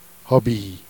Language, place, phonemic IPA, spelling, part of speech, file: Jèrriais, Jersey, /habi/, habits, noun, Jer-habits.ogg
- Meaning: clothes